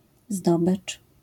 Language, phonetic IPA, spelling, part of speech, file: Polish, [ˈzdɔbɨt͡ʃ], zdobycz, noun, LL-Q809 (pol)-zdobycz.wav